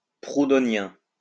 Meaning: Proudhonian
- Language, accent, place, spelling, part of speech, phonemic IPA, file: French, France, Lyon, proudhonien, adjective, /pʁu.dɔ.njɛ̃/, LL-Q150 (fra)-proudhonien.wav